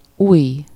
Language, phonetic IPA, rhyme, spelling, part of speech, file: Hungarian, [ˈujː], -ujː, ujj, noun, Hu-ujj.ogg
- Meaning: 1. finger, toe, digit (whether on hands or feet; inclusive of the thumb) 2. sleeve